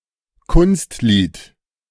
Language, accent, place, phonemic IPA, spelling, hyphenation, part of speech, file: German, Germany, Berlin, /ˈkʊnstˌliːt/, Kunstlied, Kunst‧lied, noun, De-Kunstlied.ogg
- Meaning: lied (art song)